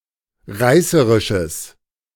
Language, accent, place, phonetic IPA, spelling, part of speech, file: German, Germany, Berlin, [ˈʁaɪ̯səʁɪʃəs], reißerisches, adjective, De-reißerisches.ogg
- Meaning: strong/mixed nominative/accusative neuter singular of reißerisch